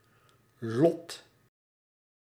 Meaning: 1. destiny, fate, lot 2. lottery ticket 3. lot, allotment (that which has been apportioned to a party)
- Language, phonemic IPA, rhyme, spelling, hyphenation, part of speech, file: Dutch, /lɔt/, -ɔt, lot, lot, noun, Nl-lot.ogg